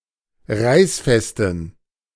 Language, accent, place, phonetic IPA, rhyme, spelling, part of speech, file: German, Germany, Berlin, [ˈʁaɪ̯sˌfɛstn̩], -aɪ̯sfɛstn̩, reißfesten, adjective, De-reißfesten.ogg
- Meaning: inflection of reißfest: 1. strong genitive masculine/neuter singular 2. weak/mixed genitive/dative all-gender singular 3. strong/weak/mixed accusative masculine singular 4. strong dative plural